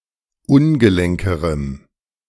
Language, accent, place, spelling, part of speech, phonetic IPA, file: German, Germany, Berlin, ungelenkerem, adjective, [ˈʊnɡəˌlɛŋkəʁəm], De-ungelenkerem.ogg
- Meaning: strong dative masculine/neuter singular comparative degree of ungelenk